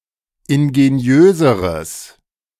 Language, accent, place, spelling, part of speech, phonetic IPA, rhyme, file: German, Germany, Berlin, ingeniöseres, adjective, [ɪnɡeˈni̯øːzəʁəs], -øːzəʁəs, De-ingeniöseres.ogg
- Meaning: strong/mixed nominative/accusative neuter singular comparative degree of ingeniös